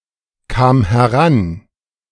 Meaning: first/third-person singular preterite of herankommen
- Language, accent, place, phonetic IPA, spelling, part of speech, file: German, Germany, Berlin, [ˌkaːm hɛˈʁan], kam heran, verb, De-kam heran.ogg